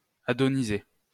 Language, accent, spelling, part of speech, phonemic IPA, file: French, France, adoniser, verb, /a.dɔ.ni.ze/, LL-Q150 (fra)-adoniser.wav
- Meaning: to adonise